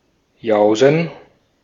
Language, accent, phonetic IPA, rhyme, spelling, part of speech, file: German, Austria, [ˈjaʊ̯zn̩], -aʊ̯zn̩, Jausen, noun, De-at-Jausen.ogg
- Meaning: 1. cold meal at afternoon 2. plural of Jause (“snack”)